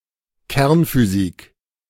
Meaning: nuclear physics (nuclear physics)
- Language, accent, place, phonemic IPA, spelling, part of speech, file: German, Germany, Berlin, /ˈkɛʁnfyˌziːk/, Kernphysik, noun, De-Kernphysik.ogg